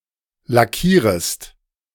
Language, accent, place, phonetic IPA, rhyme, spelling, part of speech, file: German, Germany, Berlin, [laˈkiːʁəst], -iːʁəst, lackierest, verb, De-lackierest.ogg
- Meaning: second-person singular subjunctive I of lackieren